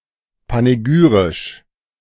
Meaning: panegyrical
- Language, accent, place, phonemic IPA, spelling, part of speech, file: German, Germany, Berlin, /paneˈɡyːʁɪʃ/, panegyrisch, adjective, De-panegyrisch.ogg